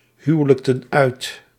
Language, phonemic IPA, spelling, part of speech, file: Dutch, /ˈhywᵊləktə(n) ˈœyt/, huwelijkten uit, verb, Nl-huwelijkten uit.ogg
- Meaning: inflection of uithuwelijken: 1. plural past indicative 2. plural past subjunctive